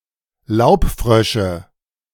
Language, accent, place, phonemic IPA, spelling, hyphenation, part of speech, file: German, Germany, Berlin, /ˈlaʊ̯pˌfʁœʃə/, Laubfrösche, Laub‧frö‧sche, noun, De-Laubfrösche.ogg
- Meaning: nominative/accusative/genitive plural of Laubfrosch